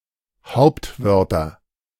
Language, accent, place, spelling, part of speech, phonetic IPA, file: German, Germany, Berlin, Hauptwörter, noun, [ˈhaʊ̯ptˌvœʁtɐ], De-Hauptwörter.ogg
- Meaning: nominative/accusative/genitive plural of Hauptwort